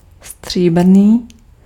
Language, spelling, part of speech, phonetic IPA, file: Czech, stříbrný, adjective, [ˈstr̝̊iːbr̩niː], Cs-stříbrný.ogg
- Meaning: 1. silver (made from silver) 2. silvery, silver (having a color like silver)